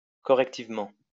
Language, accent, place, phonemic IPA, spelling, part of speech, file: French, France, Lyon, /kɔ.ʁɛk.tiv.mɑ̃/, correctivement, adverb, LL-Q150 (fra)-correctivement.wav
- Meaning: correctively